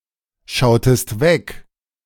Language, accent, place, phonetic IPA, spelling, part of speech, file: German, Germany, Berlin, [ˌʃaʊ̯təst ˈvɛk], schautest weg, verb, De-schautest weg.ogg
- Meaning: inflection of wegschauen: 1. second-person singular preterite 2. second-person singular subjunctive II